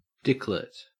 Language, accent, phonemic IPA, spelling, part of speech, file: English, Australia, /ˈdɪklɪt/, dicklet, noun, En-au-dicklet.ogg
- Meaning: A small penis